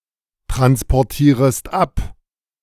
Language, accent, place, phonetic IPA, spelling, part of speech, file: German, Germany, Berlin, [tʁanspɔʁˌtiːʁəst ˈap], transportierest ab, verb, De-transportierest ab.ogg
- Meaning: second-person singular subjunctive I of abtransportieren